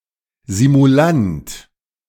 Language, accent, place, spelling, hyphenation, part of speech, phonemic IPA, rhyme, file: German, Germany, Berlin, Simulant, Si‧mu‧lant, noun, /zimuˈlant/, -ant, De-Simulant.ogg
- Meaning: malingerer